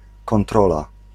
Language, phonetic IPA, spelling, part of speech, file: Polish, [kɔ̃nˈtrɔla], kontrola, noun, Pl-kontrola.ogg